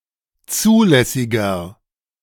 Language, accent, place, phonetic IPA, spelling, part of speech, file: German, Germany, Berlin, [ˈt͡suːlɛsɪɡɐ], zulässiger, adjective, De-zulässiger.ogg
- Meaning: inflection of zulässig: 1. strong/mixed nominative masculine singular 2. strong genitive/dative feminine singular 3. strong genitive plural